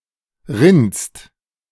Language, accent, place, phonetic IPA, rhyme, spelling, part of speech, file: German, Germany, Berlin, [ʁɪnst], -ɪnst, rinnst, verb, De-rinnst.ogg
- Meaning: second-person singular present of rinnen